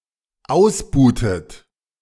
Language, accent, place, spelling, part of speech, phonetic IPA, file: German, Germany, Berlin, ausbuhtet, verb, [ˈaʊ̯sˌbuːtət], De-ausbuhtet.ogg
- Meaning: inflection of ausbuhen: 1. second-person plural dependent preterite 2. second-person plural dependent subjunctive II